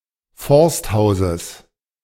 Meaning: genitive singular of Forsthaus
- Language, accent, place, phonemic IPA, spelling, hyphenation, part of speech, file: German, Germany, Berlin, /ˈfɔʁstˌhaʊ̯zəs/, Forsthauses, Forst‧hau‧ses, noun, De-Forsthauses.ogg